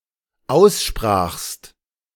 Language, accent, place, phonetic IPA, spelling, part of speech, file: German, Germany, Berlin, [ˈaʊ̯sˌʃpʁaːxst], aussprachst, verb, De-aussprachst.ogg
- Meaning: second-person singular dependent preterite of aussprechen